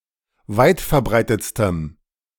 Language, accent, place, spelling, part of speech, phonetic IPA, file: German, Germany, Berlin, weitverbreitetstem, adjective, [ˈvaɪ̯tfɛɐ̯ˌbʁaɪ̯tət͡stəm], De-weitverbreitetstem.ogg
- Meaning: strong dative masculine/neuter singular superlative degree of weitverbreitet